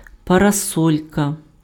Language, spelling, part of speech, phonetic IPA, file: Ukrainian, парасолька, noun, [pɐrɐˈsɔlʲkɐ], Uk-парасолька.ogg
- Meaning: umbrella